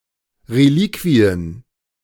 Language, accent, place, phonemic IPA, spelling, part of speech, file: German, Germany, Berlin, /reˈliːkviən/, Reliquien, noun, De-Reliquien.ogg
- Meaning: plural of Reliquie